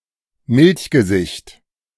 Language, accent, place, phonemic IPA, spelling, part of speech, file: German, Germany, Berlin, /ˈmɪlçɡəˌzɪçt/, Milchgesicht, noun, De-Milchgesicht.ogg
- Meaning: 1. milksop, greenhorn (weak, immature youth) 2. baby face (youthful face)